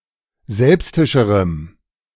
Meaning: strong dative masculine/neuter singular comparative degree of selbstisch
- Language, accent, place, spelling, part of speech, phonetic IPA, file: German, Germany, Berlin, selbstischerem, adjective, [ˈzɛlpstɪʃəʁəm], De-selbstischerem.ogg